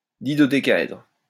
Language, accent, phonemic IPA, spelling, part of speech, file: French, France, /di.dɔ.de.ka.ɛdʁ/, didodécaèdre, adjective, LL-Q150 (fra)-didodécaèdre.wav
- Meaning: didodecahedral